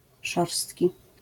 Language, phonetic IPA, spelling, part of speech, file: Polish, [ˈʃɔrstʲci], szorstki, adjective, LL-Q809 (pol)-szorstki.wav